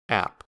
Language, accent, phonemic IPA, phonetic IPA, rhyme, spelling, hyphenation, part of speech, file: English, US, /æp/, [æʔp̚], -æp, app, app, noun, En-us-app.ogg
- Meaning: 1. An application (program), especially a small one designed for a mobile device 2. application (use, purpose; not a computer program) 3. application (to a college etc.) 4. appetizer